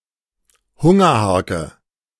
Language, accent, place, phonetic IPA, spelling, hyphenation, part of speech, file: German, Germany, Berlin, [ˈhʊŋɐˌhaʁkə], Hungerharke, Hun‧ger‧har‧ke, noun / proper noun, De-Hungerharke.ogg
- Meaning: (noun) horse-drawn hay rake; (proper noun) The Luftbrückendenkmal in Berlin Tempelhof